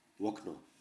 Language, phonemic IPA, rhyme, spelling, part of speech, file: Upper Sorbian, /ˈwɔknɔ/, -ɔknɔ, wokno, noun, Hsb-wokno.ogg
- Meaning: window (opening in the wall of a building, above the floor, to let in air and light)